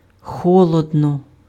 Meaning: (adverb) coldly; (adjective) it is cold
- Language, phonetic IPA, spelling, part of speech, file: Ukrainian, [ˈxɔɫɔdnɔ], холодно, adverb / adjective, Uk-холодно.ogg